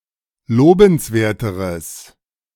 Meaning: strong/mixed nominative/accusative neuter singular comparative degree of lobenswert
- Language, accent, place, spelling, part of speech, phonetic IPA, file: German, Germany, Berlin, lobenswerteres, adjective, [ˈloːbn̩sˌveːɐ̯təʁəs], De-lobenswerteres.ogg